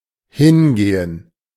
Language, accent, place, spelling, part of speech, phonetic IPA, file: German, Germany, Berlin, hingehen, verb, [ˈhɪnˌɡeːən], De-hingehen.ogg
- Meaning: 1. to go (elsewhere, to somewhere) 2. (of time) to pass